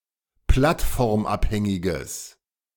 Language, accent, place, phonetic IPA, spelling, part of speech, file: German, Germany, Berlin, [ˈplatfɔʁmˌʔaphɛŋɪɡəs], plattformabhängiges, adjective, De-plattformabhängiges.ogg
- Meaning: strong/mixed nominative/accusative neuter singular of plattformabhängig